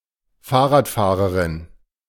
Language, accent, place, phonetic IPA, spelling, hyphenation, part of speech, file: German, Germany, Berlin, [ˈfaːɐ̯ʁaːtˌfaːʁəʁɪn], Fahrradfahrerin, Fahr‧rad‧fah‧re‧rin, noun, De-Fahrradfahrerin.ogg
- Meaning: female cyclist